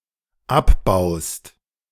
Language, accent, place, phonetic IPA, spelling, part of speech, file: German, Germany, Berlin, [ˈapˌbaʊ̯st], abbaust, verb, De-abbaust.ogg
- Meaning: second-person singular dependent present of abbauen